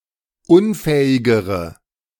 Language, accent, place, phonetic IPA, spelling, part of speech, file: German, Germany, Berlin, [ˈʊnˌfɛːɪɡəʁə], unfähigere, adjective, De-unfähigere.ogg
- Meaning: inflection of unfähig: 1. strong/mixed nominative/accusative feminine singular comparative degree 2. strong nominative/accusative plural comparative degree